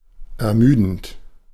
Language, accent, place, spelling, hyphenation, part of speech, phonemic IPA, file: German, Germany, Berlin, ermüdend, er‧mü‧dend, verb / adjective, /ɛɐ̯ˈmyːdn̩t/, De-ermüdend.ogg
- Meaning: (verb) present participle of ermüden; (adjective) tedious, tiring, fatiguing, exhausting